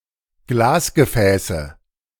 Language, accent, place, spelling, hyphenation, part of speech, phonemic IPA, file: German, Germany, Berlin, Glasgefäße, Glas‧ge‧fä‧ße, noun, /ˈɡlaːsɡəˌfɛːsə/, De-Glasgefäße.ogg
- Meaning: nominative/accusative/genitive plural of Glasgefäß